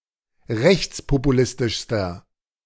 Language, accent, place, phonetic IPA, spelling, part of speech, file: German, Germany, Berlin, [ˈʁɛçt͡spopuˌlɪstɪʃstɐ], rechtspopulistischster, adjective, De-rechtspopulistischster.ogg
- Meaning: inflection of rechtspopulistisch: 1. strong/mixed nominative masculine singular superlative degree 2. strong genitive/dative feminine singular superlative degree